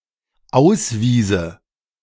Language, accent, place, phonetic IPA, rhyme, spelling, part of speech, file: German, Germany, Berlin, [ˈaʊ̯sˌviːzə], -aʊ̯sviːzə, auswiese, verb, De-auswiese.ogg
- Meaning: first/third-person singular dependent subjunctive II of ausweisen